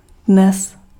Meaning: today
- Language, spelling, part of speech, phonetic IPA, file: Czech, dnes, adverb, [ˈdnɛs], Cs-dnes.ogg